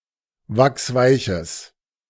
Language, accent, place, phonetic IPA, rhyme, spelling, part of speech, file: German, Germany, Berlin, [ˈvaksˈvaɪ̯çəs], -aɪ̯çəs, wachsweiches, adjective, De-wachsweiches.ogg
- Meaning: strong/mixed nominative/accusative neuter singular of wachsweich